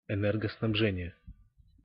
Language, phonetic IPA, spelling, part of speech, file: Russian, [ɪˌnɛrɡəsnɐbˈʐɛnʲɪje], энергоснабжение, noun, Ru-энергоснабжение.ogg
- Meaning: electric power supply